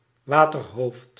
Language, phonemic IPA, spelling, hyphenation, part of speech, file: Dutch, /ˈʋaː.tərˌɦoːft/, waterhoofd, wa‧ter‧hoofd, noun, Nl-waterhoofd.ogg
- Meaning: 1. hydrocephalus 2. excess, especially of management, overhead and leadership